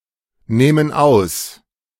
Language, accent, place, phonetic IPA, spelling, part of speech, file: German, Germany, Berlin, [ˌnɛːmən ˈaʊ̯s], nähmen aus, verb, De-nähmen aus.ogg
- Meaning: first-person plural subjunctive II of ausnehmen